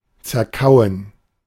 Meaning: to chew up
- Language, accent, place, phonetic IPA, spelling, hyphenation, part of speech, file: German, Germany, Berlin, [t͡sɛɐ̯ˈkaʊ̯ən], zerkauen, zer‧kau‧en, verb, De-zerkauen.ogg